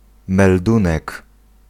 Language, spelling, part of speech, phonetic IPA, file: Polish, meldunek, noun, [mɛlˈdũnɛk], Pl-meldunek.ogg